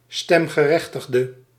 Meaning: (noun) voter; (adjective) inflection of stemgerechtigd: 1. masculine/feminine singular attributive 2. definite neuter singular attributive 3. plural attributive
- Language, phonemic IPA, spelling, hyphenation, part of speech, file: Dutch, /ˌstɛm.ɣəˈrɛx.təx.də/, stemgerechtigde, stem‧ge‧rech‧tig‧de, noun / adjective, Nl-stemgerechtigde.ogg